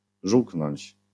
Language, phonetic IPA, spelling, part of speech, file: Polish, [ˈʒuwknɔ̃ɲt͡ɕ], żółknąć, verb, LL-Q809 (pol)-żółknąć.wav